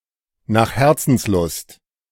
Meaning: to one's heart's content
- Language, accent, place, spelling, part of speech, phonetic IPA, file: German, Germany, Berlin, nach Herzenslust, adverb, [naːχ ˌhɛʁtsn̩tsˈlʊst], De-nach Herzenslust.ogg